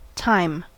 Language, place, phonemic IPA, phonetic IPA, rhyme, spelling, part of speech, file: English, California, /taɪm/, [tʰaɪ̯m], -aɪm, time, noun / verb / interjection, En-us-time.ogg
- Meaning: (noun) The inevitable progression into the future with the passing of present and past events